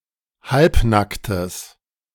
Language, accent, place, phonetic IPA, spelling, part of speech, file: German, Germany, Berlin, [ˈhalpˌnaktəs], halbnacktes, adjective, De-halbnacktes.ogg
- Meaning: strong/mixed nominative/accusative neuter singular of halbnackt